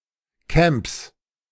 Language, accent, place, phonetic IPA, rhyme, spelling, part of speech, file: German, Germany, Berlin, [kɛmps], -ɛmps, Camps, noun, De-Camps.ogg
- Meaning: 1. genitive singular of Camp 2. plural of Camp